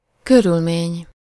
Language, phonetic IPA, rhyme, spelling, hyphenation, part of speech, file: Hungarian, [ˈkørylmeːɲ], -eːɲ, körülmény, kö‧rül‧mény, noun, Hu-körülmény.ogg
- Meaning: circumstance, condition (state or quality)